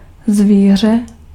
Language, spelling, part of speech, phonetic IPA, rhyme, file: Czech, zvíře, noun, [ˈzviːr̝ɛ], -iːr̝ɛ, Cs-zvíře.ogg
- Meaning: animal, beast